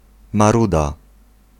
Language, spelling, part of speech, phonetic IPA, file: Polish, maruda, noun, [maˈruda], Pl-maruda.ogg